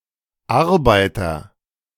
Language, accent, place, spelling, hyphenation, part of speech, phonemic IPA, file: German, Germany, Berlin, Arbeiter, Ar‧bei‧ter, noun, /ˈʔaʁbaɪ̯tɐ/, De-Arbeiter.ogg
- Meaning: agent noun of arbeiten; worker (male or of unspecified gender)